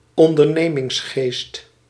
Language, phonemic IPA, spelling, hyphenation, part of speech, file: Dutch, /ɔn.dərˈneː.mɪŋsˌxeːst/, ondernemingsgeest, on‧der‧ne‧mings‧geest, noun, Nl-ondernemingsgeest.ogg
- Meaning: spirit of entrepreneurship, entrepreneurial mindset